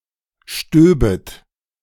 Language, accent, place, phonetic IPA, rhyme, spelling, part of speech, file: German, Germany, Berlin, [ˈʃtøːbət], -øːbət, stöbet, verb, De-stöbet.ogg
- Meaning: second-person plural subjunctive II of stieben